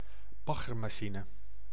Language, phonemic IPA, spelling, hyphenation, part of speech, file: Dutch, /ˈbɑ.ɣər.maːˌʃi.nə/, baggermachine, bag‧ger‧ma‧chi‧ne, noun, Nl-baggermachine.ogg
- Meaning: a mud dredge, dredger, mud excavator